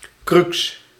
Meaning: crucial or otherwise serious, difficult problem
- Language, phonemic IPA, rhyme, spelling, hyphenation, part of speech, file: Dutch, /krʏks/, -ʏks, crux, crux, noun, Nl-crux.ogg